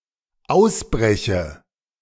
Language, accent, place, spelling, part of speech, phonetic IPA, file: German, Germany, Berlin, ausbreche, verb, [ˈaʊ̯sˌbʁɛçə], De-ausbreche.ogg
- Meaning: inflection of ausbrechen: 1. first-person singular dependent present 2. first/third-person singular dependent subjunctive I